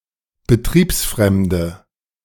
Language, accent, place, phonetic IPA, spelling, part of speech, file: German, Germany, Berlin, [bəˈtʁiːpsˌfʁɛmdə], betriebsfremde, adjective, De-betriebsfremde.ogg
- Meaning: inflection of betriebsfremd: 1. strong/mixed nominative/accusative feminine singular 2. strong nominative/accusative plural 3. weak nominative all-gender singular